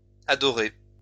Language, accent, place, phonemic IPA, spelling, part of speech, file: French, France, Lyon, /a.dɔ.ʁe/, adorées, verb, LL-Q150 (fra)-adorées.wav
- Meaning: feminine plural of adoré